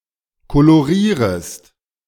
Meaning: second-person singular subjunctive I of kolorieren
- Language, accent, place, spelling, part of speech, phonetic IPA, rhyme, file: German, Germany, Berlin, kolorierest, verb, [koloˈʁiːʁəst], -iːʁəst, De-kolorierest.ogg